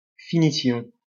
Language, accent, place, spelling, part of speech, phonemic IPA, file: French, France, Lyon, finition, noun, /fi.ni.sjɔ̃/, LL-Q150 (fra)-finition.wav
- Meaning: finishing (act of finishing)